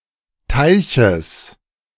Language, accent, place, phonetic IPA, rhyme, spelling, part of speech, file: German, Germany, Berlin, [ˈtaɪ̯çəs], -aɪ̯çəs, Teiches, noun, De-Teiches.ogg
- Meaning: genitive singular of Teich